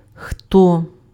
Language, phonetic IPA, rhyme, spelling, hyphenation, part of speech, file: Ukrainian, [xtɔ], -ɔ, хто, хто, conjunction / pronoun, Uk-хто.ogg
- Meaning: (conjunction) who; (pronoun) 1. who (relative pronoun) 2. who (interrogative pronoun)